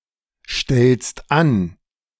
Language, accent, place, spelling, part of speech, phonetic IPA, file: German, Germany, Berlin, stellst an, verb, [ˌʃtɛlst ˈan], De-stellst an.ogg
- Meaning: second-person singular present of anstellen